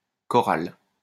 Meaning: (adjective) choral; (noun) chorale
- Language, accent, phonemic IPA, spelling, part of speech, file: French, France, /kɔ.ʁal/, choral, adjective / noun, LL-Q150 (fra)-choral.wav